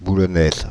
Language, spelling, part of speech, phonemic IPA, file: French, Boulonnaise, noun, /bu.lɔ.nɛz/, Fr-Boulonnaise.ogg
- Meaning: female equivalent of Boulonnais